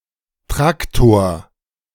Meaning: tractor (a vehicle used in farms)
- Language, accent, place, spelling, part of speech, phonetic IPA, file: German, Germany, Berlin, Traktor, noun, [ˈtʁaktoːɐ̯], De-Traktor.ogg